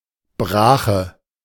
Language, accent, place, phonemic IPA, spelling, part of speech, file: German, Germany, Berlin, /ˈbʁaːxə/, Brache, noun, De-Brache.ogg
- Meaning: 1. fallow (unseeded arable land) 2. fallow, fallowness (time or state of being unseeded) 3. something that is not sufficiently exploited or taken care of, something that requires work